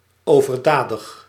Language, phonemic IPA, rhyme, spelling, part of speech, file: Dutch, /ˌoː.vərˈdaː.dəx/, -aːdəx, overdadig, adjective, Nl-overdadig.ogg
- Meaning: excessive